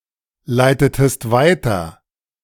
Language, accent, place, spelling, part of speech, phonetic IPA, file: German, Germany, Berlin, leitetest weiter, verb, [ˌlaɪ̯tətəst ˈvaɪ̯tɐ], De-leitetest weiter.ogg
- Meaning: inflection of weiterleiten: 1. second-person singular preterite 2. second-person singular subjunctive II